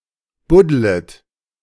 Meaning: second-person plural subjunctive I of buddeln
- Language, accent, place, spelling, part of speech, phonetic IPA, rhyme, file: German, Germany, Berlin, buddlet, verb, [ˈbʊdlət], -ʊdlət, De-buddlet.ogg